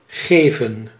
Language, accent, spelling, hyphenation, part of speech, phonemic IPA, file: Dutch, Netherlands, geven, ge‧ven, verb, /ˈɣeːvə(n)/, Nl-geven.ogg
- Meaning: 1. to give 2. to have a negative effect 3. to care about